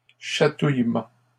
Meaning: tickle, an act of tickling
- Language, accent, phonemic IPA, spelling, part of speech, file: French, Canada, /ʃa.tuj.mɑ̃/, chatouillement, noun, LL-Q150 (fra)-chatouillement.wav